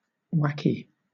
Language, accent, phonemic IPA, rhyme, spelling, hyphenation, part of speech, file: English, Southern England, /ˈwæk.iː/, -æki, wacky, wack‧y, adjective, LL-Q1860 (eng)-wacky.wav
- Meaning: Zany; eccentric